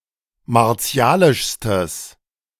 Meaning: strong/mixed nominative/accusative neuter singular superlative degree of martialisch
- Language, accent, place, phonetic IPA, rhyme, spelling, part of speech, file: German, Germany, Berlin, [maʁˈt͡si̯aːlɪʃstəs], -aːlɪʃstəs, martialischstes, adjective, De-martialischstes.ogg